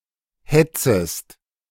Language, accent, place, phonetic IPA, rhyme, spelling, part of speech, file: German, Germany, Berlin, [ˈhɛt͡səst], -ɛt͡səst, hetzest, verb, De-hetzest.ogg
- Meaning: second-person singular subjunctive I of hetzen